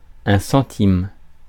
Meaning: 1. centime (hundredth of a franc, coin) 2. cent (one-hundredth of a euro), eurocent
- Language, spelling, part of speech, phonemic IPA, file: French, centime, noun, /sɑ̃.tim/, Fr-centime.ogg